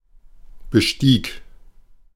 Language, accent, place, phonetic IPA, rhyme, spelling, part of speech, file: German, Germany, Berlin, [bəˈʃtiːk], -iːk, bestieg, verb, De-bestieg.ogg
- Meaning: first/third-person singular preterite of besteigen